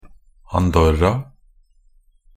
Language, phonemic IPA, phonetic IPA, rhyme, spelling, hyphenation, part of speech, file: Norwegian Bokmål, /¹anˈdɔrːa/, [anˈdɔ̀rːɑ̌], -ɔrːa, Andorra, An‧dor‧ra, proper noun, Nb-andorra.ogg
- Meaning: Andorra; a country in Europe, situated in the Pyrenees between France and Spain, with Andorra la Vella as its capital